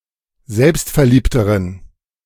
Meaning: inflection of selbstverliebt: 1. strong genitive masculine/neuter singular comparative degree 2. weak/mixed genitive/dative all-gender singular comparative degree
- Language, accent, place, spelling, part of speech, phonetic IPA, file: German, Germany, Berlin, selbstverliebteren, adjective, [ˈzɛlpstfɛɐ̯ˌliːptəʁən], De-selbstverliebteren.ogg